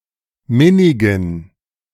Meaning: inflection of minnig: 1. strong genitive masculine/neuter singular 2. weak/mixed genitive/dative all-gender singular 3. strong/weak/mixed accusative masculine singular 4. strong dative plural
- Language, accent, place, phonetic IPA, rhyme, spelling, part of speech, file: German, Germany, Berlin, [ˈmɪnɪɡn̩], -ɪnɪɡn̩, minnigen, adjective, De-minnigen.ogg